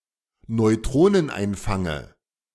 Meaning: dative of Neutroneneinfang
- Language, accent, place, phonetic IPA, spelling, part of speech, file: German, Germany, Berlin, [nɔɪ̯ˈtʁoːnənˌʔaɪ̯nfaŋə], Neutroneneinfange, noun, De-Neutroneneinfange.ogg